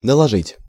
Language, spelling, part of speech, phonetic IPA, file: Russian, наложить, verb, [nəɫɐˈʐɨtʲ], Ru-наложить.ogg
- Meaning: 1. to impose, to inflict (opinions, penalties, prohibitions, punishments, requirements, taxes) 2. to lay (something) on/over (something else), to superimpose 3. to apply (bandage, face cream, etc.)